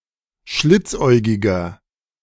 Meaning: 1. comparative degree of schlitzäugig 2. inflection of schlitzäugig: strong/mixed nominative masculine singular 3. inflection of schlitzäugig: strong genitive/dative feminine singular
- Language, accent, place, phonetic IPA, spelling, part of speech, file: German, Germany, Berlin, [ˈʃlɪt͡sˌʔɔɪ̯ɡɪɡɐ], schlitzäugiger, adjective, De-schlitzäugiger.ogg